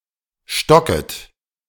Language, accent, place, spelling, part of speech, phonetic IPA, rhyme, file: German, Germany, Berlin, stocket, verb, [ˈʃtɔkət], -ɔkət, De-stocket.ogg
- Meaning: second-person plural subjunctive I of stocken